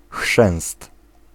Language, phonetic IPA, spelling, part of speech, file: Polish, [xʃɛ̃w̃st], chrzęst, noun, Pl-chrzęst.ogg